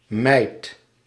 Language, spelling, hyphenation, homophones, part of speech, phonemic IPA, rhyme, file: Dutch, meid, meid, mijd / mijdt / mijt, noun, /mɛi̯t/, -ɛi̯t, Nl-meid.ogg
- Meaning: 1. girl, lass 2. maid 3. Commonly used as an address for female pets, especially female dogs